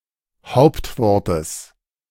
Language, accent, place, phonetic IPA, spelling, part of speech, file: German, Germany, Berlin, [ˈhaʊ̯ptˌvɔʁtəs], Hauptwortes, noun, De-Hauptwortes.ogg
- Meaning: genitive of Hauptwort